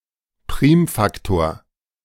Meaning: prime factor (number contained in the set of prime numbers)
- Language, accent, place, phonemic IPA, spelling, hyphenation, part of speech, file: German, Germany, Berlin, /ˈpʁiːmˌfaktoːɐ̯/, Primfaktor, Prim‧fak‧tor, noun, De-Primfaktor.ogg